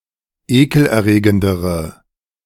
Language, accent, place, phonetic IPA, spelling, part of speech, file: German, Germany, Berlin, [ˈeːkl̩ʔɛɐ̯ˌʁeːɡəndəʁə], ekelerregendere, adjective, De-ekelerregendere.ogg
- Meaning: inflection of ekelerregend: 1. strong/mixed nominative/accusative feminine singular comparative degree 2. strong nominative/accusative plural comparative degree